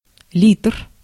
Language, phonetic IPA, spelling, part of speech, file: Russian, [ˈlʲit(ə)r], литр, noun, Ru-литр.ogg
- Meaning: liter